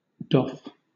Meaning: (verb) To remove or take off (something worn on the body such as armour or clothing, or something carried)
- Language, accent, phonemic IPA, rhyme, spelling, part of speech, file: English, Southern England, /dɒf/, -ɒf, doff, verb / noun, LL-Q1860 (eng)-doff.wav